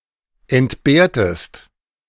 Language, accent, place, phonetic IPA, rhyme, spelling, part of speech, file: German, Germany, Berlin, [ɛntˈbeːɐ̯təst], -eːɐ̯təst, entbehrtest, verb, De-entbehrtest.ogg
- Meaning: inflection of entbehren: 1. second-person singular preterite 2. second-person singular subjunctive II